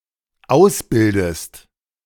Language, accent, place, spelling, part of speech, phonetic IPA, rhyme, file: German, Germany, Berlin, ausbildest, verb, [ˈaʊ̯sˌbɪldəst], -aʊ̯sbɪldəst, De-ausbildest.ogg
- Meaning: inflection of ausbilden: 1. second-person singular dependent present 2. second-person singular dependent subjunctive I